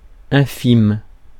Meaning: 1. lowly, inferior 2. tiny, minuscule
- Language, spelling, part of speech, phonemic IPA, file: French, infime, adjective, /ɛ̃.fim/, Fr-infime.ogg